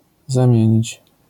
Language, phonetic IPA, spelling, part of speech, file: Polish, [zãˈmʲjɛ̇̃ɲit͡ɕ], zamienić, verb, LL-Q809 (pol)-zamienić.wav